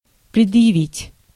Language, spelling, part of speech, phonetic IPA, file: Russian, предъявить, verb, [prʲɪdjɪˈvʲitʲ], Ru-предъявить.ogg
- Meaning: 1. to present, to produce, to show 2. to make (a demand, request), to assert (rights) 3. to bring (a lawsuit), to press, to prefer (an accusation, charge)